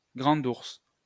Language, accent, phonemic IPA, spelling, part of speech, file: French, France, /ɡʁɑ̃d uʁs/, Grande Ourse, proper noun, LL-Q150 (fra)-Grande Ourse.wav
- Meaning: Ursa Major (large circumpolar constellation of the northern sky)